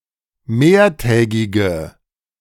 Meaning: inflection of mehrtägig: 1. strong/mixed nominative/accusative feminine singular 2. strong nominative/accusative plural 3. weak nominative all-gender singular
- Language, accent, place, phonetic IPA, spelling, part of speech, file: German, Germany, Berlin, [ˈmeːɐ̯ˌtɛːɡɪɡə], mehrtägige, adjective, De-mehrtägige.ogg